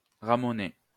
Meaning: 1. to sweep a chimney 2. to fuck
- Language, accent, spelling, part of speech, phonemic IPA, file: French, France, ramoner, verb, /ʁa.mɔ.ne/, LL-Q150 (fra)-ramoner.wav